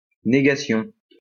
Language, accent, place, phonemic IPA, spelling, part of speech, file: French, France, Lyon, /ne.ɡa.sjɔ̃/, négation, noun, LL-Q150 (fra)-négation.wav
- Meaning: 1. denial (act of denying) 2. negative